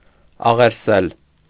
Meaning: to supplicate, to beseech, to entreat, to implore
- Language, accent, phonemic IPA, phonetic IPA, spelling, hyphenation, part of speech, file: Armenian, Eastern Armenian, /ɑʁeɾˈsel/, [ɑʁeɾsél], աղերսել, ա‧ղեր‧սել, verb, Hy-աղերսել.ogg